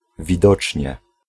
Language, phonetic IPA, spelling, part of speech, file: Polish, [vʲiˈdɔt͡ʃʲɲɛ], widocznie, particle / adverb, Pl-widocznie.ogg